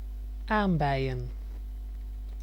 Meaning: haemorrhoids (a pathological condition)
- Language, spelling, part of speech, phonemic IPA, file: Dutch, aambeien, noun, /ˈambɛijə(n)/, Nl-aambeien.ogg